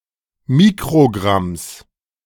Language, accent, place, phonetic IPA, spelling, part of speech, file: German, Germany, Berlin, [ˈmiːkʁoˌɡʁams], Mikrogramms, noun, De-Mikrogramms.ogg
- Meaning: genitive singular of Mikrogramm